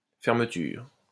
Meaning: 1. closing 2. fastener
- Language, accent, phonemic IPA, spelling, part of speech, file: French, France, /fɛʁ.mə.tyʁ/, fermeture, noun, LL-Q150 (fra)-fermeture.wav